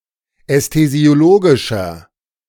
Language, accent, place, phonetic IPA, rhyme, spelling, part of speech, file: German, Germany, Berlin, [ɛstezi̯oˈloːɡɪʃɐ], -oːɡɪʃɐ, ästhesiologischer, adjective, De-ästhesiologischer.ogg
- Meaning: inflection of ästhesiologisch: 1. strong/mixed nominative masculine singular 2. strong genitive/dative feminine singular 3. strong genitive plural